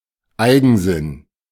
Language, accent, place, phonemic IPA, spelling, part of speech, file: German, Germany, Berlin, /ˈaɪ̯ɡn̩zɪn/, Eigensinn, noun, De-Eigensinn.ogg
- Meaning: 1. stubbornness, obstinacy, self-willedness, the quality of refusing to change one's mind, narrow-mindedness 2. idiosyncrasy